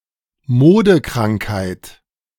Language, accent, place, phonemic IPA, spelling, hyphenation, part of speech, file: German, Germany, Berlin, /ˈmoːdəˌkʁaŋkhaɪ̯t/, Modekrankheit, Mo‧de‧krank‧heit, noun, De-Modekrankheit.ogg
- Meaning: fashionable disease